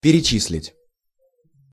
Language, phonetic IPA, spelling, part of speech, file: Russian, [pʲɪrʲɪˈt͡ɕis⁽ʲ⁾lʲɪtʲ], перечислить, verb, Ru-перечислить.ogg
- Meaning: 1. to enumerate, to list (to specify each member of a sequence individually in incrementing order) 2. to transfer (funds, wages)